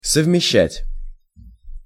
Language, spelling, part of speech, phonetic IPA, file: Russian, совмещать, verb, [səvmʲɪˈɕːætʲ], Ru-совмещать.ogg
- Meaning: to combine